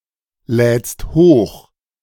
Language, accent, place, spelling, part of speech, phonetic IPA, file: German, Germany, Berlin, lädst hoch, verb, [ˌlɛːt͡st ˈhoːx], De-lädst hoch.ogg
- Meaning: second-person singular present of hochladen